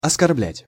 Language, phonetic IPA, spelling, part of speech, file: Russian, [ɐskɐrˈblʲætʲ], оскорблять, verb, Ru-оскорблять.ogg
- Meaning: to insult, to offend, to outrage